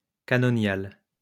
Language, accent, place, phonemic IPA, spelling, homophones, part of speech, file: French, France, Lyon, /ka.nɔ.njal/, canonial, canoniale / canoniales, adjective, LL-Q150 (fra)-canonial.wav
- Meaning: canonical